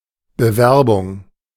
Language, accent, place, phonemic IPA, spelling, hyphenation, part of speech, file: German, Germany, Berlin, /bəˈvɛrbʊŋ/, Bewerbung, Be‧wer‧bung, noun, De-Bewerbung.ogg
- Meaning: 1. application (for a job or position), candidature 2. promotion (of a product, etc.)